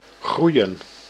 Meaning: 1. to grow physically 2. to increase
- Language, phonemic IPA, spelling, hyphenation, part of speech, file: Dutch, /ˈɣrui̯ə(n)/, groeien, groei‧en, verb, Nl-groeien.ogg